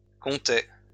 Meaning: third-person plural imperfect indicative of compter
- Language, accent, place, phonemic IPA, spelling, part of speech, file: French, France, Lyon, /kɔ̃.tɛ/, comptaient, verb, LL-Q150 (fra)-comptaient.wav